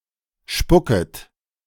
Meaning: second-person plural subjunctive I of spucken
- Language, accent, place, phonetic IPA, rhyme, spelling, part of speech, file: German, Germany, Berlin, [ˈʃpʊkət], -ʊkət, spucket, verb, De-spucket.ogg